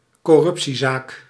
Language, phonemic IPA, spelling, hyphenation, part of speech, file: Dutch, /kɔˈrʏp.siˌzaːk/, corruptiezaak, cor‧rup‧tie‧zaak, noun, Nl-corruptiezaak.ogg
- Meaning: corruption case